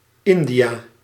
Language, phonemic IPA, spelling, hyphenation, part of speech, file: Dutch, /ˈɪn.diˌaː/, India, In‧di‧a, proper noun, Nl-India.ogg
- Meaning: India (a country in South Asia)